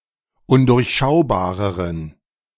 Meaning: inflection of undurchschaubar: 1. strong genitive masculine/neuter singular comparative degree 2. weak/mixed genitive/dative all-gender singular comparative degree
- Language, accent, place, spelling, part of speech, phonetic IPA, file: German, Germany, Berlin, undurchschaubareren, adjective, [ˈʊndʊʁçˌʃaʊ̯baːʁəʁən], De-undurchschaubareren.ogg